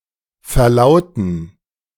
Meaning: to announce
- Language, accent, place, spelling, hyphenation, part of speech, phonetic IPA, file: German, Germany, Berlin, verlauten, ver‧lau‧ten, verb, [fɛʁˈlaʊtn̩], De-verlauten.ogg